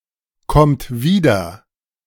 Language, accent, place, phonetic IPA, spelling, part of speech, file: German, Germany, Berlin, [ˌkɔmt ˈviːdɐ], kommt wieder, verb, De-kommt wieder.ogg
- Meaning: second-person plural present of wiederkommen